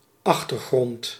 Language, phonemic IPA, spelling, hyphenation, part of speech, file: Dutch, /ˈɑx.tərˌɣrɔnt/, achtergrond, ach‧ter‧grond, noun, Nl-achtergrond.ogg
- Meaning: background